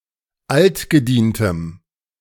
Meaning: strong dative masculine/neuter singular of altgedient
- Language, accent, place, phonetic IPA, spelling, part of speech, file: German, Germany, Berlin, [ˈaltɡəˌdiːntəm], altgedientem, adjective, De-altgedientem.ogg